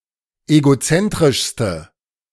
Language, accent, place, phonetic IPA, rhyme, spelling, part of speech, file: German, Germany, Berlin, [eɡoˈt͡sɛntʁɪʃstə], -ɛntʁɪʃstə, egozentrischste, adjective, De-egozentrischste.ogg
- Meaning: inflection of egozentrisch: 1. strong/mixed nominative/accusative feminine singular superlative degree 2. strong nominative/accusative plural superlative degree